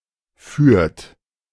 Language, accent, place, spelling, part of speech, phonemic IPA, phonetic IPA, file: German, Germany, Berlin, führt, verb, /fyːrt/, [fy(ː)ɐ̯t], De-führt.ogg
- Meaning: 1. inflection of führen: third-person singular present 2. inflection of führen: second-person plural present 3. inflection of führen: plural imperative 4. second-person plural subjunctive II of fahren